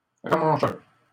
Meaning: bonesetter
- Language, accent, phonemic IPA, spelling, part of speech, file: French, Canada, /ʁa.mɑ̃.ʃœʁ/, ramancheur, noun, LL-Q150 (fra)-ramancheur.wav